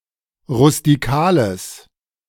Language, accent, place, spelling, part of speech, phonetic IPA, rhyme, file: German, Germany, Berlin, rustikales, adjective, [ʁʊstiˈkaːləs], -aːləs, De-rustikales.ogg
- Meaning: strong/mixed nominative/accusative neuter singular of rustikal